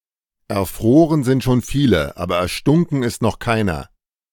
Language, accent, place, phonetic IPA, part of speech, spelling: German, Germany, Berlin, [ɛɐ̯ˈfʁoːʁən zɪnt ʃoːn ˈfiːlə aːbɐ ɛɐ̯ˈʃtʊŋkn̩ ɪst nɔx ˈkaɪ̯nɐ], phrase, erfroren sind schon viele, aber erstunken ist noch keiner
- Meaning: a request to close an open window letting cold air in despite a bad smell in the room